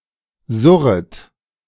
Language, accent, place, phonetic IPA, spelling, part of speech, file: German, Germany, Berlin, [ˈzʊʁət], surret, verb, De-surret.ogg
- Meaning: second-person plural subjunctive I of surren